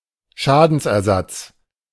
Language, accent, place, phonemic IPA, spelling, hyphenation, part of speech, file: German, Germany, Berlin, /ˈʃaːdn̩sʔɛɐ̯ˌzat͡s/, Schadensersatz, Scha‧dens‧er‧satz, noun, De-Schadensersatz.ogg
- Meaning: indemnification, restitution of damage